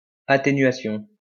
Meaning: attenuation
- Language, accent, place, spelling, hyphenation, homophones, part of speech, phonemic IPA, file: French, France, Lyon, atténuation, a‧tté‧nua‧tion, atténuations, noun, /a.te.nɥa.sjɔ̃/, LL-Q150 (fra)-atténuation.wav